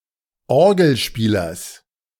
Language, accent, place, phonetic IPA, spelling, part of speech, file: German, Germany, Berlin, [ˈɔʁɡl̩ˌʃpiːlɐs], Orgelspielers, noun, De-Orgelspielers.ogg
- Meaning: genitive of Orgelspieler